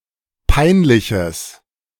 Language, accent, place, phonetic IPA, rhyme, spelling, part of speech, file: German, Germany, Berlin, [ˈpaɪ̯nˌlɪçəs], -aɪ̯nlɪçəs, peinliches, adjective, De-peinliches.ogg
- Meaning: strong/mixed nominative/accusative neuter singular of peinlich